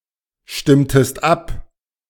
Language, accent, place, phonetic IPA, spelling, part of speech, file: German, Germany, Berlin, [ˌʃtɪmtəst ˈap], stimmtest ab, verb, De-stimmtest ab.ogg
- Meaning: inflection of abstimmen: 1. second-person singular preterite 2. second-person singular subjunctive II